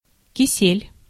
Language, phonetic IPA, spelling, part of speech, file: Russian, [kʲɪˈsʲelʲ], кисель, noun, Ru-кисель.ogg
- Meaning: 1. kisel, kissel (a popular jellied dessert made by cooking berry juice or other fruit juice with milk, flour and oatmeal, thickened with starch) 2. weak-willed person